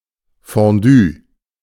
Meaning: fondue
- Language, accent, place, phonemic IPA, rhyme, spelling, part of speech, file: German, Germany, Berlin, /fõˈdyː/, -yː, Fondue, noun, De-Fondue.ogg